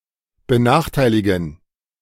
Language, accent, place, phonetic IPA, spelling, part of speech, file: German, Germany, Berlin, [bəˈnaːxˌtaɪ̯lɪɡn̩], benachteiligen, verb, De-benachteiligen.ogg
- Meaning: to disadvantage